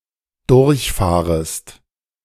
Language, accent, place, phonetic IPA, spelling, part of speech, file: German, Germany, Berlin, [ˈdʊʁçˌfaːʁəst], durchfahrest, verb, De-durchfahrest.ogg
- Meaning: second-person singular dependent subjunctive I of durchfahren